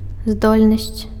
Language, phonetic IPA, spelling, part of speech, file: Belarusian, [ˈzdolʲnasʲt͡sʲ], здольнасць, noun, Be-здольнасць.ogg
- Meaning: ability